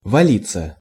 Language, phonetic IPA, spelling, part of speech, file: Russian, [vɐˈlʲit͡sːə], валиться, verb, Ru-валиться.ogg
- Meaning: 1. to fall (down), to drop, to collapse 2. to overturn, to topple (down) 3. to come falling down, to roll down 4. to die in great numbers 5. passive of вали́ть (valítʹ)